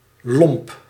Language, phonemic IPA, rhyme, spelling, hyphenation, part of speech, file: Dutch, /lɔmp/, -ɔmp, lomp, lomp, adjective / noun, Nl-lomp.ogg
- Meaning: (adjective) 1. coarse; rude; surly; boorish; unrefined; uncouth; unsophisticated; unmannered 2. dumb; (noun) a rag